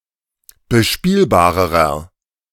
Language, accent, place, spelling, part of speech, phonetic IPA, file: German, Germany, Berlin, bespielbarerer, adjective, [bəˈʃpiːlbaːʁəʁɐ], De-bespielbarerer.ogg
- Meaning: inflection of bespielbar: 1. strong/mixed nominative masculine singular comparative degree 2. strong genitive/dative feminine singular comparative degree 3. strong genitive plural comparative degree